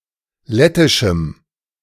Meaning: strong dative masculine/neuter singular of lettisch
- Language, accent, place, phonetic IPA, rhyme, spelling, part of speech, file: German, Germany, Berlin, [ˈlɛtɪʃm̩], -ɛtɪʃm̩, lettischem, adjective, De-lettischem.ogg